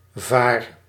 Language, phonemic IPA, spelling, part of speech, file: Dutch, /var/, vaar, noun / adjective / verb, Nl-vaar.ogg
- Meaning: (noun) obsolete form of vader (“father”); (verb) inflection of varen: 1. first-person singular present indicative 2. second-person singular present indicative 3. imperative